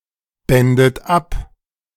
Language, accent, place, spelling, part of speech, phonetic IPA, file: German, Germany, Berlin, bändet ab, verb, [ˌbɛndət ˈap], De-bändet ab.ogg
- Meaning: second-person plural subjunctive II of abbinden